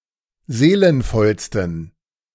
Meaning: 1. superlative degree of seelenvoll 2. inflection of seelenvoll: strong genitive masculine/neuter singular superlative degree
- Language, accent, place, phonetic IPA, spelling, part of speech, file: German, Germany, Berlin, [ˈzeːlənfɔlstn̩], seelenvollsten, adjective, De-seelenvollsten.ogg